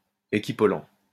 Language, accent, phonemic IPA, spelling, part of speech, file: French, France, /e.ki.pɔ.lɑ̃/, équipollent, adjective, LL-Q150 (fra)-équipollent.wav
- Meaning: equipollent